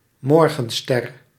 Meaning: 1. morningstar 2. morning star; the planet Venus as seen in the eastern sky in the morning 3. a goat's-beard; any plant of the genus Tragopogon
- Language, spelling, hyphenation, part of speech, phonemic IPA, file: Dutch, morgenster, mor‧gen‧ster, noun, /ˈmɔrɣə(n)ˌstɛr/, Nl-morgenster.ogg